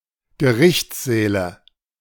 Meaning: nominative/accusative/genitive plural of Gerichtssaal
- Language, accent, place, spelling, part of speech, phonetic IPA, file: German, Germany, Berlin, Gerichtssäle, noun, [ɡəˈʁɪçt͡sˌzɛːlə], De-Gerichtssäle.ogg